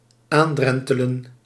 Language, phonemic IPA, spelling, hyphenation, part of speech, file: Dutch, /ˈaːnˌdrɛn.tə.lə(n)/, aandrentelen, aan‧dren‧te‧len, verb, Nl-aandrentelen.ogg
- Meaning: to stroll near